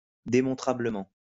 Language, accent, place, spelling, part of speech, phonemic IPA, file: French, France, Lyon, démontrablement, adverb, /de.mɔ̃.tʁa.blə.mɑ̃/, LL-Q150 (fra)-démontrablement.wav
- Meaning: demonstrably